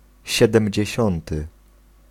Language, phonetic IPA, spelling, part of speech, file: Polish, [ˌɕɛdɛ̃mʲd͡ʑɛ̇ˈɕɔ̃ntɨ], siedemdziesiąty, adjective, Pl-siedemdziesiąty.ogg